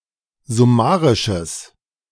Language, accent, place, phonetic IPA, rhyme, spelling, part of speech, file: German, Germany, Berlin, [zʊˈmaːʁɪʃəs], -aːʁɪʃəs, summarisches, adjective, De-summarisches.ogg
- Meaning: strong/mixed nominative/accusative neuter singular of summarisch